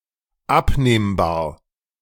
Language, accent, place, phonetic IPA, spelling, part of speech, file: German, Germany, Berlin, [ˈapneːmbaːɐ̯], abnehmbar, adjective, De-abnehmbar.ogg
- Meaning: removable, detachable